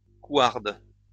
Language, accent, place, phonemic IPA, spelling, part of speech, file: French, France, Lyon, /kwaʁd/, couarde, noun / adjective, LL-Q150 (fra)-couarde.wav
- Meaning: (noun) female equivalent of couard; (adjective) feminine singular of couard